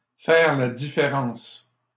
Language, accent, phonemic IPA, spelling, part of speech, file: French, Canada, /fɛʁ la di.fe.ʁɑ̃s/, faire la différence, verb, LL-Q150 (fra)-faire la différence.wav
- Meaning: 1. to tell the difference between, to distinguish 2. to make a difference, to make a big difference